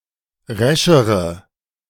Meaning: inflection of resch: 1. strong/mixed nominative/accusative feminine singular comparative degree 2. strong nominative/accusative plural comparative degree
- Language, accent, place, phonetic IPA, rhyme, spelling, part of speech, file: German, Germany, Berlin, [ˈʁɛʃəʁə], -ɛʃəʁə, reschere, adjective, De-reschere.ogg